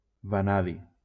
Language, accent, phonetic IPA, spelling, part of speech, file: Catalan, Valencia, [vaˈna.ði], vanadi, noun, LL-Q7026 (cat)-vanadi.wav
- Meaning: vanadium